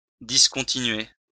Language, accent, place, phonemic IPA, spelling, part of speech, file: French, France, Lyon, /dis.kɔ̃.ti.nɥe/, discontinuer, verb, LL-Q150 (fra)-discontinuer.wav
- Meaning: to discontinue, to cease, to leave off